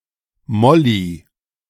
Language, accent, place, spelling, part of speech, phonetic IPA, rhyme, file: German, Germany, Berlin, Molli, noun, [ˈmɔli], -ɔli, De-Molli.ogg
- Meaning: clipping of Molotowcocktail